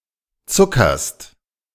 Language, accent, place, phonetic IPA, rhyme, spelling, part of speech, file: German, Germany, Berlin, [ˈt͡sʊkɐst], -ʊkɐst, zuckerst, verb, De-zuckerst.ogg
- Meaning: second-person singular present of zuckern